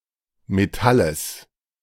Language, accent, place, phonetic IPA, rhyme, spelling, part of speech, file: German, Germany, Berlin, [meˈtaləs], -aləs, Metalles, noun, De-Metalles.ogg
- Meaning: genitive singular of Metall